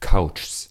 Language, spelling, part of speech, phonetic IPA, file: German, Couchs, noun, [kaʊ̯t͡ʃs], De-Couchs.ogg
- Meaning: plural of Couch